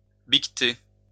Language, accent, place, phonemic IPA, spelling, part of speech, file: French, France, Lyon, /bik.te/, biqueter, verb, LL-Q150 (fra)-biqueter.wav
- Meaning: to kid (give birth to baby goats)